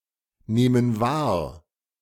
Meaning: inflection of wahrnehmen: 1. first/third-person plural present 2. first/third-person plural subjunctive I
- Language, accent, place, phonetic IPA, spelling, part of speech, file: German, Germany, Berlin, [ˌneːmən ˈvaːɐ̯], nehmen wahr, verb, De-nehmen wahr.ogg